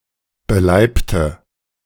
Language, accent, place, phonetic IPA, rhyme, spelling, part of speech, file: German, Germany, Berlin, [bəˈlaɪ̯ptə], -aɪ̯ptə, beleibte, adjective, De-beleibte.ogg
- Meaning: inflection of beleibt: 1. strong/mixed nominative/accusative feminine singular 2. strong nominative/accusative plural 3. weak nominative all-gender singular 4. weak accusative feminine/neuter singular